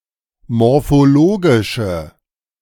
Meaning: inflection of morphologisch: 1. strong/mixed nominative/accusative feminine singular 2. strong nominative/accusative plural 3. weak nominative all-gender singular
- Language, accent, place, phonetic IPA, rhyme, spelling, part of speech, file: German, Germany, Berlin, [mɔʁfoˈloːɡɪʃə], -oːɡɪʃə, morphologische, adjective, De-morphologische.ogg